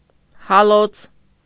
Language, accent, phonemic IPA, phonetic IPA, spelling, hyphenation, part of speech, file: Armenian, Eastern Armenian, /hɑˈlot͡sʰ/, [hɑlót͡sʰ], հալոց, հա‧լոց, noun, Hy-հալոց.ogg
- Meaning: 1. crucible 2. thaw